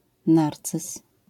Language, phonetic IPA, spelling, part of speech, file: Polish, [ˈnart͡sɨs], narcyz, noun, LL-Q809 (pol)-narcyz.wav